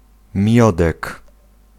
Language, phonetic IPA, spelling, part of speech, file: Polish, [ˈmʲjɔdɛk], miodek, noun, Pl-miodek.ogg